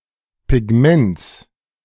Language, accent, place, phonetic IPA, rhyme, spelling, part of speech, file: German, Germany, Berlin, [pɪˈɡmɛnt͡s], -ɛnt͡s, Pigments, noun, De-Pigments.ogg
- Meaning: genitive singular of Pigment